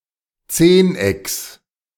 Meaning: genitive singular of Zehneck
- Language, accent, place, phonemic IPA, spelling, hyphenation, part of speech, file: German, Germany, Berlin, /ˈt͡seːnˌ.ɛks/, Zehnecks, Zehn‧ecks, noun, De-Zehnecks.ogg